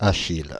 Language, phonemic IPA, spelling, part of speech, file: French, /a.ʃil/, Achille, proper noun, Fr-Achille.ogg
- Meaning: 1. Achilles 2. a male given name from Ancient Greek